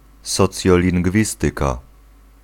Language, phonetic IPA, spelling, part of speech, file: Polish, [ˌsɔt͡sʲjɔlʲĩŋɡˈvʲistɨka], socjolingwistyka, noun, Pl-socjolingwistyka.ogg